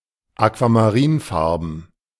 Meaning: aquamarine (in colour)
- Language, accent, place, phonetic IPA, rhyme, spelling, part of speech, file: German, Germany, Berlin, [akvamaˈʁiːnˌfaʁbn̩], -iːnfaʁbn̩, aquamarinfarben, adjective, De-aquamarinfarben.ogg